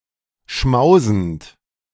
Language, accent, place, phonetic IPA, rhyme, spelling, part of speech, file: German, Germany, Berlin, [ˈʃmaʊ̯zn̩t], -aʊ̯zn̩t, schmausend, verb, De-schmausend.ogg
- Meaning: present participle of schmausen